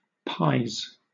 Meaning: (noun) plural of pie; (verb) 1. third-person singular simple present indicative of pie 2. third-person singular simple present indicative of pi
- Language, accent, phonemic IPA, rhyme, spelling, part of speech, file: English, Southern England, /paɪz/, -aɪz, pies, noun / verb, LL-Q1860 (eng)-pies.wav